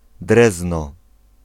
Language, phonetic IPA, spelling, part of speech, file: Polish, [ˈdrɛznɔ], Drezno, proper noun, Pl-Drezno.ogg